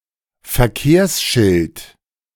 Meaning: traffic sign
- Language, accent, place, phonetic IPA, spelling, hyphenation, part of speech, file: German, Germany, Berlin, [fɛɐ̯ˈkeːɐ̯sˌʃɪlt], Verkehrsschild, Ver‧kehrs‧schild, noun, De-Verkehrsschild.ogg